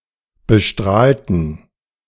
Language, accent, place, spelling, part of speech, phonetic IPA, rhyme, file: German, Germany, Berlin, bestrahlten, adjective / verb, [bəˈʃtʁaːltn̩], -aːltn̩, De-bestrahlten.ogg
- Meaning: inflection of bestrahlt: 1. strong genitive masculine/neuter singular 2. weak/mixed genitive/dative all-gender singular 3. strong/weak/mixed accusative masculine singular 4. strong dative plural